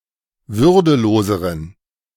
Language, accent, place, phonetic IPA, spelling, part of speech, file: German, Germany, Berlin, [ˈvʏʁdəˌloːzəʁən], würdeloseren, adjective, De-würdeloseren.ogg
- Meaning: inflection of würdelos: 1. strong genitive masculine/neuter singular comparative degree 2. weak/mixed genitive/dative all-gender singular comparative degree